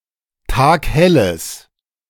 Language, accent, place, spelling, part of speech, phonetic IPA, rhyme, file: German, Germany, Berlin, taghelles, adjective, [ˈtaːkˈhɛləs], -ɛləs, De-taghelles.ogg
- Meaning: strong/mixed nominative/accusative neuter singular of taghell